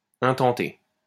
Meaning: to file, bring
- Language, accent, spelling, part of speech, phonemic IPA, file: French, France, intenter, verb, /ɛ̃.tɑ̃.te/, LL-Q150 (fra)-intenter.wav